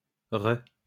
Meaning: 1. re- 2. meaningless generic derivation prefix, especially as r-. From semantic bleaching of sense 1 followed by the unprefixed terms becoming obsolete or diverging in meaning
- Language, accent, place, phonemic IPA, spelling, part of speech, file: French, France, Lyon, /ʁə/, re-, prefix, LL-Q150 (fra)-re-.wav